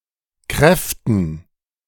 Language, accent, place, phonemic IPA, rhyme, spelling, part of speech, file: German, Germany, Berlin, /ˈ kʁɛftn̩/, -ɛftn̩, Kräften, noun, De-Kräften.ogg
- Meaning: dative plural of Kraft